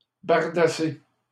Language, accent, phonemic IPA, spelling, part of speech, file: French, Canada, /baʁ.da.se/, bardasser, verb, LL-Q150 (fra)-bardasser.wav
- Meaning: to raise a ruckus; causing disturbance; to cause one to be shaken, awed, surprised. Generally seen as a positive qualifier